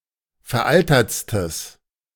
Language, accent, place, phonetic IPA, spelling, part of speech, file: German, Germany, Berlin, [fɛɐ̯ˈʔaltɐt͡stəs], veraltertstes, adjective, De-veraltertstes.ogg
- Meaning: strong/mixed nominative/accusative neuter singular superlative degree of veraltert